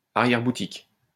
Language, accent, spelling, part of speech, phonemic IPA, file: French, France, arrière-boutique, noun, /a.ʁjɛʁ.bu.tik/, LL-Q150 (fra)-arrière-boutique.wav
- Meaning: a room at the back of a shop